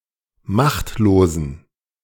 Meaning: inflection of machtlos: 1. strong genitive masculine/neuter singular 2. weak/mixed genitive/dative all-gender singular 3. strong/weak/mixed accusative masculine singular 4. strong dative plural
- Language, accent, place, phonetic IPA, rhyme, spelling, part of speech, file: German, Germany, Berlin, [ˈmaxtloːzn̩], -axtloːzn̩, machtlosen, adjective, De-machtlosen.ogg